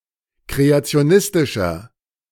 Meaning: inflection of kreationistisch: 1. strong/mixed nominative masculine singular 2. strong genitive/dative feminine singular 3. strong genitive plural
- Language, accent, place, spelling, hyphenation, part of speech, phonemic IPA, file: German, Germany, Berlin, kreationistischer, kre‧a‧ti‧o‧nis‧ti‧scher, adjective, /ˌkʁeat͡si̯oˈnɪstɪʃɐ/, De-kreationistischer.ogg